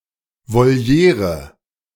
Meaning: aviary
- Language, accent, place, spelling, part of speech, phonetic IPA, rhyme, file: German, Germany, Berlin, Voliere, noun, [voˈli̯eːʁə], -eːʁə, De-Voliere.ogg